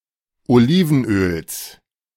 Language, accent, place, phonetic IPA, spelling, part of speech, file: German, Germany, Berlin, [oˈliːvn̩ˌʔøːls], Olivenöls, noun, De-Olivenöls.ogg
- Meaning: genitive singular of Olivenöl